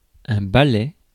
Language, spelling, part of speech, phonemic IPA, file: French, ballet, noun, /ba.lɛ/, Fr-ballet.ogg
- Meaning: ballet